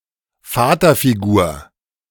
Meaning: father figure
- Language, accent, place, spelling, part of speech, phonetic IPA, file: German, Germany, Berlin, Vaterfigur, noun, [ˈfaːtɐfiˌɡuːɐ̯], De-Vaterfigur.ogg